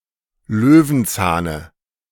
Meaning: dative singular of Löwenzahn
- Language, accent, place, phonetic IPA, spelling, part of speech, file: German, Germany, Berlin, [ˈløːvn̩ˌt͡saːnə], Löwenzahne, noun, De-Löwenzahne.ogg